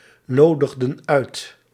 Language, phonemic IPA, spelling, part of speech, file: Dutch, /ˈnodəɣdə(n) ˈœyt/, nodigden uit, verb, Nl-nodigden uit.ogg
- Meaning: inflection of uitnodigen: 1. plural past indicative 2. plural past subjunctive